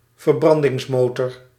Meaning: combustion engine
- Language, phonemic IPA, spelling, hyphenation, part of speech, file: Dutch, /vərˈbrɑn.dɪŋsˌmoː.tɔr/, verbrandingsmotor, ver‧bran‧dings‧mo‧tor, noun, Nl-verbrandingsmotor.ogg